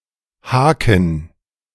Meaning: 1. hook (a rod bent into a curved shape) 2. hook punch 3. a sudden sharp turn, feint 4. catch, hitch (a concealed difficulty, especially in a deal or negotiation) 5. checkmark
- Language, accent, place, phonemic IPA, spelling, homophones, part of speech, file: German, Germany, Berlin, /ˈhaːkən/, Haken, haken, noun, De-Haken.ogg